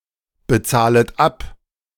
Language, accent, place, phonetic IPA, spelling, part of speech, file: German, Germany, Berlin, [bəˌt͡saːlət ˈap], bezahlet ab, verb, De-bezahlet ab.ogg
- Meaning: second-person plural subjunctive I of abbezahlen